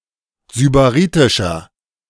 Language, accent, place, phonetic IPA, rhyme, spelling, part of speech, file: German, Germany, Berlin, [zybaˈʁiːtɪʃɐ], -iːtɪʃɐ, sybaritischer, adjective, De-sybaritischer.ogg
- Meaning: 1. comparative degree of sybaritisch 2. inflection of sybaritisch: strong/mixed nominative masculine singular 3. inflection of sybaritisch: strong genitive/dative feminine singular